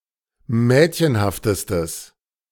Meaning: strong/mixed nominative/accusative neuter singular superlative degree of mädchenhaft
- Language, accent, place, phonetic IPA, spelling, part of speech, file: German, Germany, Berlin, [ˈmɛːtçənhaftəstəs], mädchenhaftestes, adjective, De-mädchenhaftestes.ogg